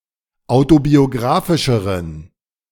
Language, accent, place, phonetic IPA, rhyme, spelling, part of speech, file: German, Germany, Berlin, [ˌaʊ̯tobioˈɡʁaːfɪʃəʁən], -aːfɪʃəʁən, autobiografischeren, adjective, De-autobiografischeren.ogg
- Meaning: inflection of autobiografisch: 1. strong genitive masculine/neuter singular comparative degree 2. weak/mixed genitive/dative all-gender singular comparative degree